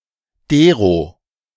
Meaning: 1. genitive singular feminine of der 2. genitive plural of der
- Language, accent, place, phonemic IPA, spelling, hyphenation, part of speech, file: German, Germany, Berlin, /ˈdeːʁo/, dero, de‧ro, pronoun, De-dero.ogg